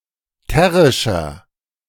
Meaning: inflection of terrisch: 1. strong/mixed nominative masculine singular 2. strong genitive/dative feminine singular 3. strong genitive plural
- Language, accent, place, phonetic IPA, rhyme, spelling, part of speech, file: German, Germany, Berlin, [ˈtɛʁɪʃɐ], -ɛʁɪʃɐ, terrischer, adjective, De-terrischer.ogg